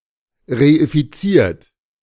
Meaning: 1. past participle of reifizieren 2. inflection of reifizieren: third-person singular present 3. inflection of reifizieren: second-person plural present 4. inflection of reifizieren: plural imperative
- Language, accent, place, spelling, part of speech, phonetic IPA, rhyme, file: German, Germany, Berlin, reifiziert, verb, [ʁeifiˈt͡siːɐ̯t], -iːɐ̯t, De-reifiziert.ogg